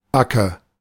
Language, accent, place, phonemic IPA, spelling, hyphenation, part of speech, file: German, Germany, Berlin, /ˈbakə/, Backe, Ba‧cke, noun, De-Backe.ogg
- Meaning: 1. cheek (on the face) 2. jaw (of a tool) 3. buttock, butt cheek